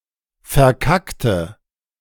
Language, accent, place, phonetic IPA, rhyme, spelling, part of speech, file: German, Germany, Berlin, [fɛɐ̯ˈkaktə], -aktə, verkackte, adjective / verb, De-verkackte.ogg
- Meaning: inflection of verkacken: 1. first/third-person singular preterite 2. first/third-person singular subjunctive II